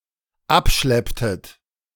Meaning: inflection of abschleppen: 1. second-person plural dependent preterite 2. second-person plural dependent subjunctive II
- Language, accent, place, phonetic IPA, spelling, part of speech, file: German, Germany, Berlin, [ˈapˌʃlɛptət], abschlepptet, verb, De-abschlepptet.ogg